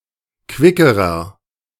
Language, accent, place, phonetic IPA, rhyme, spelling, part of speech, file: German, Germany, Berlin, [ˈkvɪkəʁɐ], -ɪkəʁɐ, quickerer, adjective, De-quickerer.ogg
- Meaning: inflection of quick: 1. strong/mixed nominative masculine singular comparative degree 2. strong genitive/dative feminine singular comparative degree 3. strong genitive plural comparative degree